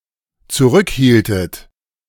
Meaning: inflection of zurückhalten: 1. second-person plural dependent preterite 2. second-person plural dependent subjunctive II
- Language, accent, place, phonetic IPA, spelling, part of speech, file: German, Germany, Berlin, [t͡suˈʁʏkˌhiːltət], zurückhieltet, verb, De-zurückhieltet.ogg